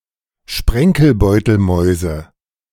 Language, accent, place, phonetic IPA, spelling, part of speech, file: German, Germany, Berlin, [ˈʃpʁɛŋkl̩ˌbɔɪ̯tl̩mɔɪ̯zə], Sprenkelbeutelmäuse, noun, De-Sprenkelbeutelmäuse.ogg
- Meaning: nominative/accusative/genitive plural of Sprenkelbeutelmaus